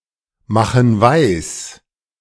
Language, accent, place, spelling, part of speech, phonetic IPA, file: German, Germany, Berlin, machen weis, verb, [ˌmaxn̩ ˈvaɪ̯s], De-machen weis.ogg
- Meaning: inflection of weismachen: 1. first/third-person plural present 2. first/third-person plural subjunctive I